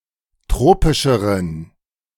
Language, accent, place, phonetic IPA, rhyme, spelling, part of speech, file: German, Germany, Berlin, [ˈtʁoːpɪʃəʁən], -oːpɪʃəʁən, tropischeren, adjective, De-tropischeren.ogg
- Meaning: inflection of tropisch: 1. strong genitive masculine/neuter singular comparative degree 2. weak/mixed genitive/dative all-gender singular comparative degree